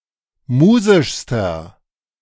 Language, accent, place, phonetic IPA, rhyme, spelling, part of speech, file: German, Germany, Berlin, [ˈmuːzɪʃstɐ], -uːzɪʃstɐ, musischster, adjective, De-musischster.ogg
- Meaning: inflection of musisch: 1. strong/mixed nominative masculine singular superlative degree 2. strong genitive/dative feminine singular superlative degree 3. strong genitive plural superlative degree